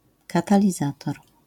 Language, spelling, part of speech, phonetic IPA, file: Polish, katalizator, noun, [ˌkatalʲiˈzatɔr], LL-Q809 (pol)-katalizator.wav